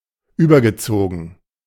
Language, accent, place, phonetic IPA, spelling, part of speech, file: German, Germany, Berlin, [ˈyːbɐɡəˌt͡soːɡŋ̩], übergezogen, verb, De-übergezogen.ogg
- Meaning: past participle of überziehen